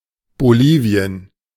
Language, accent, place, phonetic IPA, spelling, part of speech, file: German, Germany, Berlin, [boˈliːvi̯ən], Bolivien, proper noun, De-Bolivien.ogg
- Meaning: Bolivia (a country in South America)